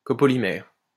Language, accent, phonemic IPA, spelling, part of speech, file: French, France, /ko.pɔ.li.mɛʁ/, copolymère, noun, LL-Q150 (fra)-copolymère.wav
- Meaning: copolymer